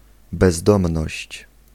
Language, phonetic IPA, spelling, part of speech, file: Polish, [bɛzˈdɔ̃mnɔɕt͡ɕ], bezdomność, noun, Pl-bezdomność.ogg